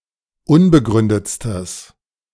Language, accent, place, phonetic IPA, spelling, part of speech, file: German, Germany, Berlin, [ˈʊnbəˌɡʁʏndət͡stəs], unbegründetstes, adjective, De-unbegründetstes.ogg
- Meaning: strong/mixed nominative/accusative neuter singular superlative degree of unbegründet